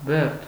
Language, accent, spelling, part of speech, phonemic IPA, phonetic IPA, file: Armenian, Eastern Armenian, բերդ, noun, /beɾtʰ/, [beɾtʰ], Hy-բերդ.ogg
- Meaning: 1. fortress 2. prison